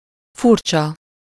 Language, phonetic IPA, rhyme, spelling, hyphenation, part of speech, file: Hungarian, [ˈfurt͡ʃɒ], -t͡ʃɒ, furcsa, fur‧csa, adjective, Hu-furcsa.ogg
- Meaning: strange (not normal), odd, peculiar, curious, weird, funny, funny-looking